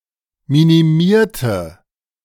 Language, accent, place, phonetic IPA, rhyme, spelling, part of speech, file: German, Germany, Berlin, [ˌminiˈmiːɐ̯tə], -iːɐ̯tə, minimierte, adjective / verb, De-minimierte.ogg
- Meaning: inflection of minimieren: 1. first/third-person singular preterite 2. first/third-person singular subjunctive II